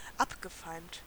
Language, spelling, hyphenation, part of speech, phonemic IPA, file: German, abgefeimt, ab‧ge‧feimt, verb / adjective, /ˈapɡəˌfaɪ̯mt/, De-abgefeimt.ogg
- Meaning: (verb) past participle of abfeimen; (adjective) wicked, malevolent